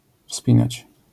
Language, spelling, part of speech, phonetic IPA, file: Polish, wspinać, verb, [ˈfspʲĩnat͡ɕ], LL-Q809 (pol)-wspinać.wav